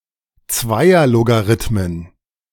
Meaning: plural of Zweierlogarithmus
- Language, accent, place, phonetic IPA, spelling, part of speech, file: German, Germany, Berlin, [ˈt͡svaɪ̯ɐloɡaˌʁɪtmən], Zweierlogarithmen, noun, De-Zweierlogarithmen.ogg